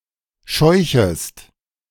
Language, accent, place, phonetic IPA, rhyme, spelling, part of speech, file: German, Germany, Berlin, [ˈʃɔɪ̯çəst], -ɔɪ̯çəst, scheuchest, verb, De-scheuchest.ogg
- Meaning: second-person singular subjunctive I of scheuchen